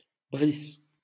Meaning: 1. a male given name, equivalent to English Brice 2. a female given name 3. a surname originating as a patronymic
- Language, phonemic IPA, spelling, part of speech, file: French, /bʁis/, Brice, proper noun, LL-Q150 (fra)-Brice.wav